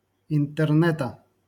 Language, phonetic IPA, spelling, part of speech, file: Russian, [ɪntɨrˈnɛtə], интернета, noun, LL-Q7737 (rus)-интернета.wav
- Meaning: genitive singular of интерне́т (intɛrnɛ́t)